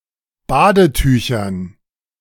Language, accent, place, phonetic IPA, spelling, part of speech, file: German, Germany, Berlin, [ˈbaːdəˌtyːçɐn], Badetüchern, noun, De-Badetüchern.ogg
- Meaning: dative plural of Badetuch